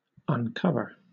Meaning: 1. To remove a cover from 2. To reveal the identity of 3. To show openly; to disclose; to reveal 4. To remove one's hat or cap as a mark of respect 5. To expose the genitalia
- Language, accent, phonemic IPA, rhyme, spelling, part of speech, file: English, Southern England, /ʌnˈkʌvə(ɹ)/, -ʌvə(ɹ), uncover, verb, LL-Q1860 (eng)-uncover.wav